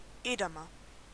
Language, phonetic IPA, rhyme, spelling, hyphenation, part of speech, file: German, [ˈeːdamɐ], -amɐ, Edamer, Eda‧mer, noun, De-Edamer.ogg
- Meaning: 1. An inhabitant of the Dutch town Edam 2. Edam cheese